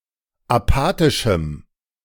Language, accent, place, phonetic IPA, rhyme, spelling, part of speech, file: German, Germany, Berlin, [aˈpaːtɪʃm̩], -aːtɪʃm̩, apathischem, adjective, De-apathischem.ogg
- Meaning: strong dative masculine/neuter singular of apathisch